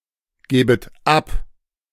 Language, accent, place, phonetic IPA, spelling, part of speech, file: German, Germany, Berlin, [ˌɡɛːbət ˈap], gäbet ab, verb, De-gäbet ab.ogg
- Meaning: second-person plural subjunctive II of abgeben